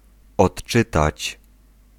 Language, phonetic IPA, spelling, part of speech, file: Polish, [ɔṭˈt͡ʃɨtat͡ɕ], odczytać, verb, Pl-odczytać.ogg